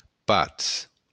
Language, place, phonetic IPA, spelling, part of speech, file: Occitan, Béarn, [ˈpats], patz, noun, LL-Q14185 (oci)-patz.wav
- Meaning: peace